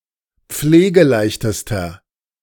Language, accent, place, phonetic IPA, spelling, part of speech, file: German, Germany, Berlin, [ˈp͡fleːɡəˌlaɪ̯çtəstɐ], pflegeleichtester, adjective, De-pflegeleichtester.ogg
- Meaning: inflection of pflegeleicht: 1. strong/mixed nominative masculine singular superlative degree 2. strong genitive/dative feminine singular superlative degree 3. strong genitive plural superlative degree